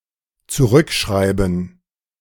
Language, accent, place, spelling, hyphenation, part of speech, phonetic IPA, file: German, Germany, Berlin, zurückschreiben, zu‧rück‧schrei‧ben, verb, [tsuˈʁʏkʃʁai͡b.ən], De-zurückschreiben.ogg
- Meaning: to write back (data)